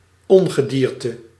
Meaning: 1. vermin, pests, harmful or undesirable animals 2. undesirable people
- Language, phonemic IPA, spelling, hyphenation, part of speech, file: Dutch, /ˈɔn.ɣəˌdiːr.tə/, ongedierte, on‧ge‧dier‧te, noun, Nl-ongedierte.ogg